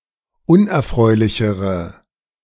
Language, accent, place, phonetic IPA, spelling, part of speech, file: German, Germany, Berlin, [ˈʊnʔɛɐ̯ˌfʁɔɪ̯lɪçəʁə], unerfreulichere, adjective, De-unerfreulichere.ogg
- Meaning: inflection of unerfreulich: 1. strong/mixed nominative/accusative feminine singular comparative degree 2. strong nominative/accusative plural comparative degree